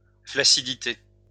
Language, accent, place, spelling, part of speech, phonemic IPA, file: French, France, Lyon, flaccidité, noun, /flak.si.di.te/, LL-Q150 (fra)-flaccidité.wav
- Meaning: flaccidity, limpness